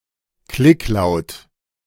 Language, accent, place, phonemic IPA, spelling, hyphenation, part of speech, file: German, Germany, Berlin, /ˈklɪkˌlaʊ̯t/, Klicklaut, Klick‧laut, noun, De-Klicklaut.ogg
- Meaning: click